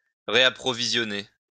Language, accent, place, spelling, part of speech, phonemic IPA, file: French, France, Lyon, réapprovisionner, verb, /ʁe.a.pʁɔ.vi.zjɔ.ne/, LL-Q150 (fra)-réapprovisionner.wav
- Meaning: to restock